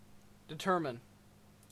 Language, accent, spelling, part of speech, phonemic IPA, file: English, Canada, determine, verb, /dɪˈtɝmɪn/, En-ca-determine.ogg
- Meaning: 1. To set the boundaries or limits of 2. To ascertain definitely; to figure out, find out, or conclude by analyzing, calculating, or investigating